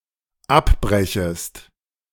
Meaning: second-person singular dependent subjunctive I of abbrechen
- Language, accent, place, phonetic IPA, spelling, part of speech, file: German, Germany, Berlin, [ˈapˌbʁɛçəst], abbrechest, verb, De-abbrechest.ogg